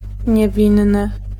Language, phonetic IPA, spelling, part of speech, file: Polish, [ɲɛˈvʲĩnːɨ], niewinny, adjective, Pl-niewinny.ogg